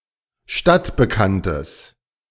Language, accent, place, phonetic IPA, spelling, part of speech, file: German, Germany, Berlin, [ˈʃtatbəˌkantəs], stadtbekanntes, adjective, De-stadtbekanntes.ogg
- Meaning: strong/mixed nominative/accusative neuter singular of stadtbekannt